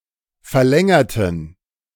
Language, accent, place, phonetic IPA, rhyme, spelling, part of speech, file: German, Germany, Berlin, [fɛɐ̯ˈlɛŋɐtn̩], -ɛŋɐtn̩, verlängerten, adjective / verb, De-verlängerten.ogg
- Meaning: inflection of verlängern: 1. first/third-person plural preterite 2. first/third-person plural subjunctive II